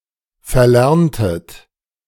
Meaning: inflection of verlernen: 1. second-person plural preterite 2. second-person plural subjunctive II
- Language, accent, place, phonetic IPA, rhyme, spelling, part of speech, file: German, Germany, Berlin, [fɛɐ̯ˈlɛʁntət], -ɛʁntət, verlerntet, verb, De-verlerntet.ogg